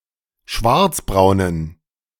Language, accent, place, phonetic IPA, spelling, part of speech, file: German, Germany, Berlin, [ˈʃvaʁt͡sbʁaʊ̯nən], schwarzbraunen, adjective, De-schwarzbraunen.ogg
- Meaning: inflection of schwarzbraun: 1. strong genitive masculine/neuter singular 2. weak/mixed genitive/dative all-gender singular 3. strong/weak/mixed accusative masculine singular 4. strong dative plural